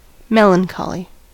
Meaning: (noun) 1. Black bile, formerly thought to be one of the four "cardinal humours" of animal bodies 2. Great sadness or depression, especially of a thoughtful or introspective nature
- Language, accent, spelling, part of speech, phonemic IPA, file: English, US, melancholy, noun / adjective, /ˈmɛl.ənˌkɑ.li/, En-us-melancholy.ogg